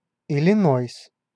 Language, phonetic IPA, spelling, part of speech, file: Russian, [ɪlʲɪˈnojs], Иллинойс, proper noun, Ru-Иллинойс.ogg
- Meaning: Illinois (a state of the United States, named for the people)